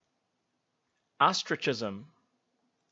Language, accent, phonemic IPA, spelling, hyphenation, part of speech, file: English, General American, /ˈɑstɹit͡ʃˌɪzəm/, ostrichism, os‧trich‧i‧sm, noun, En-us-ostrichism.ogg
- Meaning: 1. The act of hiding, often unsuccessfully, by ducking one's head out of view 2. A policy of burying one's head in the sand, that is, ignoring the reality of a situation